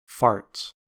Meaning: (noun) plural of fart; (verb) third-person singular simple present indicative of fart
- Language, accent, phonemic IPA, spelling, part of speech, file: English, US, /fɑːɹts/, farts, noun / verb, En-us-farts.ogg